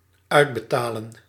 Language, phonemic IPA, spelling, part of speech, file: Dutch, /ˈœydbəˌtalə(n)/, uitbetalen, verb, Nl-uitbetalen.ogg
- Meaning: to pay out